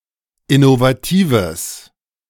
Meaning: strong/mixed nominative/accusative neuter singular of innovativ
- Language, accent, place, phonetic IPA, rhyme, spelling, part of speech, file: German, Germany, Berlin, [ɪnovaˈtiːvəs], -iːvəs, innovatives, adjective, De-innovatives.ogg